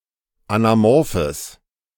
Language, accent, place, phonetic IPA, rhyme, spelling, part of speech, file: German, Germany, Berlin, [anaˈmɔʁfəs], -ɔʁfəs, anamorphes, adjective, De-anamorphes.ogg
- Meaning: strong/mixed nominative/accusative neuter singular of anamorph